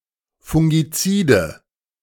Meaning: nominative/accusative/genitive plural of Fungizid
- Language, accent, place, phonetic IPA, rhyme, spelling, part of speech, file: German, Germany, Berlin, [fʊŋɡiˈt͡siːdə], -iːdə, Fungizide, noun, De-Fungizide.ogg